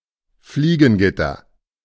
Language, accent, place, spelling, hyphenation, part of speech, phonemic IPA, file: German, Germany, Berlin, Fliegengitter, Flie‧gen‧git‧ter, noun, /ˈfliːɡənˌɡɪtɐ/, De-Fliegengitter.ogg
- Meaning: screen, flyscreen, window screen, bug screen (material woven from fine wires intended to block animals or large particles from passing)